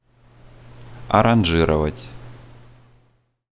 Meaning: to arrange (to adapt an existing composition for presentation)
- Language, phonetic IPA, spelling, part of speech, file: Russian, [ɐrɐnˈʐɨrəvətʲ], аранжировать, verb, Ru-аранжировать.ogg